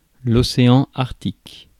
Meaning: Arctic Ocean (the smallest of the five oceans of the Earth, on and around the North Pole, bordered by the three continents of Asia, Europe and North America)
- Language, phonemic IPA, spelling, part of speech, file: French, /ɔ.se.ɑ̃ aʁk.tik/, océan Arctique, proper noun, Fr-océan-Arctique.ogg